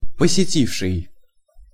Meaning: past active perfective participle of посети́ть (posetítʹ)
- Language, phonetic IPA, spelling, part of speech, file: Russian, [pəsʲɪˈtʲifʂɨj], посетивший, verb, Ru-посетивший.ogg